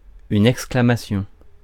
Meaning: exclamation (cry of joy)
- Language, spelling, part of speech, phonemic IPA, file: French, exclamation, noun, /ɛk.skla.ma.sjɔ̃/, Fr-exclamation.ogg